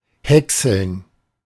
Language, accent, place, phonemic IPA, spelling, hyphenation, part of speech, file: German, Germany, Berlin, /ˈhɛksl̩n/, häckseln, häck‧seln, verb, De-häckseln.ogg
- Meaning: to shred, to chop up